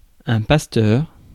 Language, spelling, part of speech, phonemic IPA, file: French, pasteur, noun, /pas.tœʁ/, Fr-pasteur.ogg
- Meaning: 1. shepherd 2. one who looks after the flock of the faithful: Christ as the Good Shepherd 3. one who looks after the flock of the faithful: a priest in his function as a spiritual carer